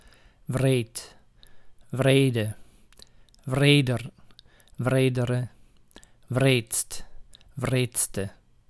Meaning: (adjective) 1. cruel, callous 2. wicked, cool, awesome; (adverb) very, a lot
- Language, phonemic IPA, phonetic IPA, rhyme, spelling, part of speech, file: Dutch, /vreːt/, [vreːt], -eːt, wreed, adjective / adverb, Nl-wreed.ogg